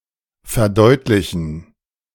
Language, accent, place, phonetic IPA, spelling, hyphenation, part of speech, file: German, Germany, Berlin, [fɛɐ̯ˈdɔɪ̯tlɪçn̩], verdeutlichen, ver‧deut‧li‧chen, verb, De-verdeutlichen.ogg
- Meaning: to make (something) clear, to clarify, to elucidate